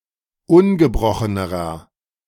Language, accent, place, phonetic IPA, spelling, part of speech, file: German, Germany, Berlin, [ˈʊnɡəˌbʁɔxənəʁɐ], ungebrochenerer, adjective, De-ungebrochenerer.ogg
- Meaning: inflection of ungebrochen: 1. strong/mixed nominative masculine singular comparative degree 2. strong genitive/dative feminine singular comparative degree 3. strong genitive plural comparative degree